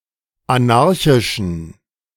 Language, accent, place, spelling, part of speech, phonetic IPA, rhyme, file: German, Germany, Berlin, anarchischen, adjective, [aˈnaʁçɪʃn̩], -aʁçɪʃn̩, De-anarchischen.ogg
- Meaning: inflection of anarchisch: 1. strong genitive masculine/neuter singular 2. weak/mixed genitive/dative all-gender singular 3. strong/weak/mixed accusative masculine singular 4. strong dative plural